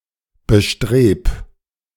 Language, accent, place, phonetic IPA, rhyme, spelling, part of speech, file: German, Germany, Berlin, [bəˈʃtʁeːp], -eːp, bestreb, verb, De-bestreb.ogg
- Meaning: 1. singular imperative of bestreben 2. first-person singular present of bestreben